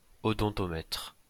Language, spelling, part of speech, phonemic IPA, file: French, odontomètre, noun, /ɔ.dɔ̃.tɔ.mɛtʁ/, LL-Q150 (fra)-odontomètre.wav
- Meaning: perforation gauge (device for measuring perforation)